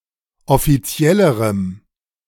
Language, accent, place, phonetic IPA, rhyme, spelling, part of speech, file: German, Germany, Berlin, [ɔfiˈt͡si̯ɛləʁəm], -ɛləʁəm, offiziellerem, adjective, De-offiziellerem.ogg
- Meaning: strong dative masculine/neuter singular comparative degree of offiziell